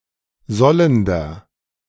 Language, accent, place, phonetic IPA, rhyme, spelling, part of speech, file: German, Germany, Berlin, [ˈzɔləndɐ], -ɔləndɐ, sollender, adjective, De-sollender.ogg
- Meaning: inflection of sollend: 1. strong/mixed nominative masculine singular 2. strong genitive/dative feminine singular 3. strong genitive plural